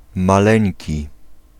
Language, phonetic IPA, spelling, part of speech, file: Polish, [maˈlɛ̃ɲci], maleńki, adjective, Pl-maleńki.ogg